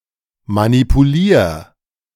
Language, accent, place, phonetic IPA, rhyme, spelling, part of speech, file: German, Germany, Berlin, [manipuˈliːɐ̯], -iːɐ̯, manipulier, verb, De-manipulier.ogg
- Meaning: 1. singular imperative of manipulieren 2. first-person singular present of manipulieren